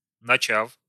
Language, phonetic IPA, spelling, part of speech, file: Russian, [nɐˈt͡ɕaf], начав, verb, Ru-начав.ogg
- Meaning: short past adverbial perfective participle of нача́ть (načátʹ)